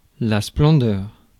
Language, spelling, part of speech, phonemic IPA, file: French, splendeur, noun, /splɑ̃.dœʁ/, Fr-splendeur.ogg
- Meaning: splendor